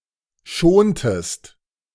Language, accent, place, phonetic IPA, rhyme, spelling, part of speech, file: German, Germany, Berlin, [ˈʃoːntəst], -oːntəst, schontest, verb, De-schontest.ogg
- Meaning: inflection of schonen: 1. second-person singular preterite 2. second-person singular subjunctive II